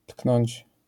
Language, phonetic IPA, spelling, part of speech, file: Polish, [tknɔ̃ɲt͡ɕ], tknąć, verb, LL-Q809 (pol)-tknąć.wav